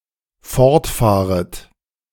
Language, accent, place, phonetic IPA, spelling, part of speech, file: German, Germany, Berlin, [ˈfɔʁtˌfaːʁət], fortfahret, verb, De-fortfahret.ogg
- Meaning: second-person plural dependent subjunctive I of fortfahren